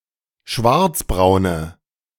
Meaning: inflection of schwarzbraun: 1. strong/mixed nominative/accusative feminine singular 2. strong nominative/accusative plural 3. weak nominative all-gender singular
- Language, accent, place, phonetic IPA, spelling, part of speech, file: German, Germany, Berlin, [ˈʃvaʁt͡sbʁaʊ̯nə], schwarzbraune, adjective, De-schwarzbraune.ogg